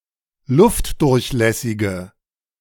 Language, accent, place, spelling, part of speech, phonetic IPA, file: German, Germany, Berlin, luftdurchlässige, adjective, [ˈlʊftdʊʁçˌlɛsɪɡə], De-luftdurchlässige.ogg
- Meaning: inflection of luftdurchlässig: 1. strong/mixed nominative/accusative feminine singular 2. strong nominative/accusative plural 3. weak nominative all-gender singular